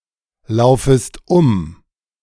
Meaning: second-person singular subjunctive I of umlaufen
- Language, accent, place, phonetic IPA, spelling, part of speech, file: German, Germany, Berlin, [ˌlaʊ̯fəst ˈʊm], laufest um, verb, De-laufest um.ogg